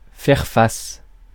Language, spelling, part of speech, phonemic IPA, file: French, faire face, verb, /fɛʁ fas/, Fr-faire face.ogg
- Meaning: 1. to be in front of, face, front 2. to oppose oneself (to something), to stand up against 3. to square up; to deal with, to face up to, to meet the challenge of, to man up against